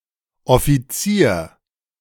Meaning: 1. commissioned officer (soldier from the rank of lieutenant upwards) 2. a high-ranking official or civil servant in various government agencies
- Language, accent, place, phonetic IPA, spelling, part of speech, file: German, Germany, Berlin, [ʔɔ.fiˈt͡si(ː)ɐ̯], Offizier, noun, De-Offizier.ogg